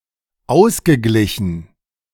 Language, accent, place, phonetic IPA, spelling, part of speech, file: German, Germany, Berlin, [ˈaʊ̯sɡəˌɡlɪçn̩], ausgeglichen, adjective / verb, De-ausgeglichen.ogg
- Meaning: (verb) past participle of ausgleichen; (adjective) balanced